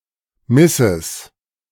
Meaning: plural of Miss
- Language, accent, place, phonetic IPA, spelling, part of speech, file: German, Germany, Berlin, [ˈmɪsɪs], Misses, noun, De-Misses.ogg